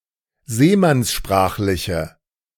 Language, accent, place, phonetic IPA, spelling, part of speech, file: German, Germany, Berlin, [ˈzeːmansˌʃpʁaːxlɪçə], seemannssprachliche, adjective, De-seemannssprachliche.ogg
- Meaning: inflection of seemannssprachlich: 1. strong/mixed nominative/accusative feminine singular 2. strong nominative/accusative plural 3. weak nominative all-gender singular